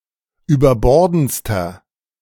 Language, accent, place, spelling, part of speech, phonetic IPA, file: German, Germany, Berlin, überbordendster, adjective, [yːbɐˈbɔʁdn̩t͡stɐ], De-überbordendster.ogg
- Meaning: inflection of überbordend: 1. strong/mixed nominative masculine singular superlative degree 2. strong genitive/dative feminine singular superlative degree 3. strong genitive plural superlative degree